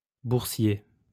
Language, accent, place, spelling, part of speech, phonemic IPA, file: French, France, Lyon, boursier, adjective / noun, /buʁ.sje/, LL-Q150 (fra)-boursier.wav
- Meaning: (adjective) stock (relating to the financial markets); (noun) 1. grantee, scholarship beneficiary, recipient of a bursary 2. stockbroker 3. pursemaker